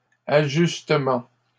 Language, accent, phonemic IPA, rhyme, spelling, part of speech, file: French, Canada, /a.ʒys.tə.mɑ̃/, -ɑ̃, ajustement, noun, LL-Q150 (fra)-ajustement.wav
- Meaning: adjustment, adjusting, tweak